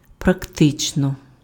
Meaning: practically
- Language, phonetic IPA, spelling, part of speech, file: Ukrainian, [prɐkˈtɪt͡ʃnɔ], практично, adverb, Uk-практично.ogg